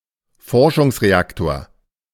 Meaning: research reactor
- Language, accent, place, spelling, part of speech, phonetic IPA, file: German, Germany, Berlin, Forschungsreaktor, noun, [ˈfɔʁʃʊŋsʁeˌaktoːɐ̯], De-Forschungsreaktor.ogg